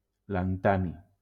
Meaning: lanthanum
- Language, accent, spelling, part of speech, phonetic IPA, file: Catalan, Valencia, lantani, noun, [lanˈta.ni], LL-Q7026 (cat)-lantani.wav